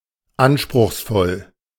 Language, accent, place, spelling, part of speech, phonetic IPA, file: German, Germany, Berlin, anspruchsvoll, adjective, [ˈanʃpʁʊxsˌfɔl], De-anspruchsvoll.ogg
- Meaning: 1. sophisticated, fastidious 2. demanding, ambitious, challenging